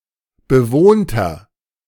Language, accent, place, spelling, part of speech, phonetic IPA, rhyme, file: German, Germany, Berlin, bewohnter, adjective, [bəˈvoːntɐ], -oːntɐ, De-bewohnter.ogg
- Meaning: inflection of bewohnt: 1. strong/mixed nominative masculine singular 2. strong genitive/dative feminine singular 3. strong genitive plural